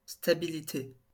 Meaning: stability
- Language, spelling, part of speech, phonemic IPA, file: French, stabilité, noun, /sta.bi.li.te/, LL-Q150 (fra)-stabilité.wav